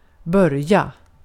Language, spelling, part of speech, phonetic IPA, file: Swedish, börja, verb, [²bœ̞rˌja], Sv-börja.ogg
- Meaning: to begin; to start